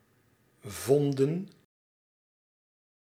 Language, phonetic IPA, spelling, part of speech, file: Dutch, [ˈvɔn.də(n)], vonden, verb, Nl-vonden.ogg
- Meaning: inflection of vinden: 1. plural past indicative 2. plural past subjunctive